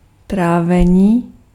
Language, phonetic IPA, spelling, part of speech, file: Czech, [ˈtraːvɛɲiː], trávení, noun, Cs-trávení.ogg
- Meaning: 1. verbal noun of trávit 2. digestion